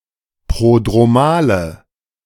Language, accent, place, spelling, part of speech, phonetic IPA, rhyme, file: German, Germany, Berlin, prodromale, adjective, [ˌpʁodʁoˈmaːlə], -aːlə, De-prodromale.ogg
- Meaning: inflection of prodromal: 1. strong/mixed nominative/accusative feminine singular 2. strong nominative/accusative plural 3. weak nominative all-gender singular